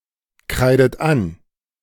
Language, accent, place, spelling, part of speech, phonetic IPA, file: German, Germany, Berlin, kreidet an, verb, [ˌkʁaɪ̯dət ˈan], De-kreidet an.ogg
- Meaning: inflection of ankreiden: 1. third-person singular present 2. second-person plural present 3. second-person plural subjunctive I 4. plural imperative